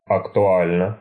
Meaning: short neuter singular of актуа́льный (aktuálʹnyj)
- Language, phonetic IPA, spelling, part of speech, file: Russian, [ɐktʊˈalʲnə], актуально, adjective, Ru-актуально.ogg